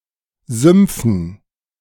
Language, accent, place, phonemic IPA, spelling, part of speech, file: German, Germany, Berlin, /ˈzʏmpfən/, Sümpfen, noun, De-Sümpfen.ogg
- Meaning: dative plural of Sumpf